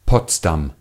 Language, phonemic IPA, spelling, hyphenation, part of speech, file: German, /ˈpɔtsdam/, Potsdam, Pots‧dam, proper noun, De-Potsdam.ogg
- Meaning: 1. Potsdam (an independent city in Brandenburg, Germany, near Berlin) 2. Potsdam (a village and town in New York, United States)